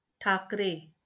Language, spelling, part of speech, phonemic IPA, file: Marathi, ठाकरे, proper noun, /ʈʰak.ɾe/, LL-Q1571 (mar)-ठाकरे.wav
- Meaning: a surname, equivalent to English Thackeray